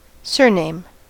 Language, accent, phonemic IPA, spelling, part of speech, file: English, US, /ˈsɝˌneɪm/, surname, noun / verb, En-us-surname.ogg